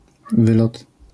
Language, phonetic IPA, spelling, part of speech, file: Polish, [ˈvɨlɔt], wylot, noun, LL-Q809 (pol)-wylot.wav